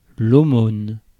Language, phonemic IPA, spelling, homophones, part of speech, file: French, /o.mon/, aumône, aumônes, noun, Fr-aumône.ogg
- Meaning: 1. alms 2. a small, insulting sum of money